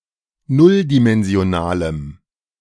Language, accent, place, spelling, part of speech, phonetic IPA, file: German, Germany, Berlin, nulldimensionalem, adjective, [ˈnʊldimɛnzi̯oˌnaːləm], De-nulldimensionalem.ogg
- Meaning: strong dative masculine/neuter singular of nulldimensional